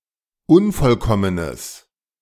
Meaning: strong/mixed nominative/accusative neuter singular of unvollkommen
- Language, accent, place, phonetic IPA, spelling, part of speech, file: German, Germany, Berlin, [ˈʊnfɔlˌkɔmənəs], unvollkommenes, adjective, De-unvollkommenes.ogg